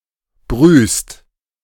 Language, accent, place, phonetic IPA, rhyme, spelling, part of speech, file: German, Germany, Berlin, [bʁyːst], -yːst, brühst, verb, De-brühst.ogg
- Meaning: second-person singular present of brühen